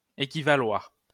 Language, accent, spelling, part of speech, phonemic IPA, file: French, France, équivaloir, verb, /e.ki.va.lwaʁ/, LL-Q150 (fra)-équivaloir.wav
- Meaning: 1. to be equivalent 2. to be equivalent, to be the same